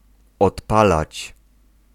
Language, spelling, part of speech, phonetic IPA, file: Polish, odpalać, verb, [ɔtˈpalat͡ɕ], Pl-odpalać.ogg